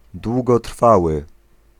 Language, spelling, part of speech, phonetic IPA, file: Polish, długotrwały, adjective, [ˌdwuɡɔˈtr̥fawɨ], Pl-długotrwały.ogg